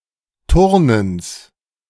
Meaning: genitive singular of Turnen
- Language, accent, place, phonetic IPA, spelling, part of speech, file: German, Germany, Berlin, [ˈtʊʁnəns], Turnens, noun, De-Turnens.ogg